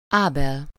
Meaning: 1. Abel (the son of Adam and Eve who was killed by his brother Cain) 2. a male given name, equivalent to English Abel 3. a surname
- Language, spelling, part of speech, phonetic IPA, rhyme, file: Hungarian, Ábel, proper noun, [ˈaːbɛl], -ɛl, Hu-Ábel.ogg